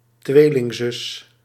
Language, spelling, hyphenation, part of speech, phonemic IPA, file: Dutch, tweelingzus, twee‧ling‧zus, noun, /ˈtwelɪŋˌzʏs/, Nl-tweelingzus.ogg
- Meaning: twin sister